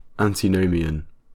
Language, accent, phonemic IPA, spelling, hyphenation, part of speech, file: English, UK, /æntiˈnoʊmi.ən/, antinomian, an‧ti‧no‧mi‧an, noun / adjective, En-uk-antinomian.ogg
- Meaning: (noun) One who embraces, encourages, or practices antinomianism; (adjective) 1. Of or pertaining to antinomianism 2. Rejecting higher moral or legal authority